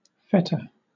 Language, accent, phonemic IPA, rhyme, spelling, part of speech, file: English, Southern England, /ˈfɛtə/, -ɛtə, feta, noun, LL-Q1860 (eng)-feta.wav
- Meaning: A variety of curd cheese made from sheep’s or goat’s milk and originating from Greece